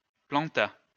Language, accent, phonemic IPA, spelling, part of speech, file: French, France, /plɑ̃.ta/, planta, verb, LL-Q150 (fra)-planta.wav
- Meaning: third-person singular past historic of planter